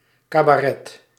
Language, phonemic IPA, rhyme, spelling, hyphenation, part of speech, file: Dutch, /kaː.baːˈrɛt/, -ɛt, cabaret, ca‧ba‧ret, noun, Nl-cabaret.ogg
- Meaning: 1. cabaret, type of live entertainment 2. comedy, live performance of jokes and satire